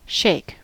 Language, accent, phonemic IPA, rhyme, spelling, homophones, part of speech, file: English, US, /ˈʃeɪk/, -eɪk, shake, sheik, verb / noun, En-us-shake.ogg
- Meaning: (verb) 1. To cause (something) to move rapidly in opposite directions alternatingly 2. To move (one's head) from side to side, especially to indicate refusal, reluctance, or disapproval